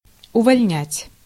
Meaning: to discharge, to dismiss, to fire, to sack
- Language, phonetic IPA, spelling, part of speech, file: Russian, [ʊvɐlʲˈnʲætʲ], увольнять, verb, Ru-увольнять.ogg